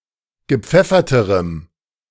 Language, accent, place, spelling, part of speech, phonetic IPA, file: German, Germany, Berlin, gepfefferterem, adjective, [ɡəˈp͡fɛfɐtəʁəm], De-gepfefferterem.ogg
- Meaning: strong dative masculine/neuter singular comparative degree of gepfeffert